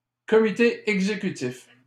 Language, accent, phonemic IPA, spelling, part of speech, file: French, Canada, /kɔ.mi.te ɛɡ.ze.ky.tif/, comité exécutif, noun, LL-Q150 (fra)-comité exécutif.wav
- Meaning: executive committee, the equivalent of the cabinet of ministers for a city government, serving the mayor